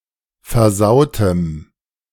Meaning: strong dative masculine/neuter singular of versaut
- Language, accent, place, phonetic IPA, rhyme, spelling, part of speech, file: German, Germany, Berlin, [fɛɐ̯ˈzaʊ̯təm], -aʊ̯təm, versautem, adjective, De-versautem.ogg